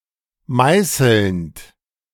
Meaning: present participle of meißeln
- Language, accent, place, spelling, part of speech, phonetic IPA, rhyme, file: German, Germany, Berlin, meißelnd, verb, [ˈmaɪ̯sl̩nt], -aɪ̯sl̩nt, De-meißelnd.ogg